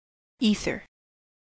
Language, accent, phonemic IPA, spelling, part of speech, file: English, General American, /ˈi.θɚ/, ether, noun / verb, En-us-ether.ogg
- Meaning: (noun) The substance formerly supposed to fill the upper regions of the atmosphere above the clouds, in particular as a medium breathed by deities.: The medium breathed by human beings; the air